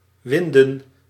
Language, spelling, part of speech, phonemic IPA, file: Dutch, winden, verb / noun, /ˈʋɪndə(n)/, Nl-winden.ogg
- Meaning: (verb) to wind (turn coils of something around); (noun) plural of wind